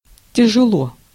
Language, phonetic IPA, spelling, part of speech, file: Russian, [tʲɪʐɨˈɫo], тяжело, adverb / adjective, Ru-тяжело.ogg
- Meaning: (adverb) 1. heavily, heftily 2. difficultly, hard 3. grievously, laboriously; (adjective) short neuter singular of тяжёлый (tjažólyj, “heavy, difficult, grievous”)